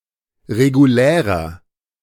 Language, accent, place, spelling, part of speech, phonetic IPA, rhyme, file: German, Germany, Berlin, regulärer, adjective, [ʁeɡuˈlɛːʁɐ], -ɛːʁɐ, De-regulärer.ogg
- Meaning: 1. comparative degree of regulär 2. inflection of regulär: strong/mixed nominative masculine singular 3. inflection of regulär: strong genitive/dative feminine singular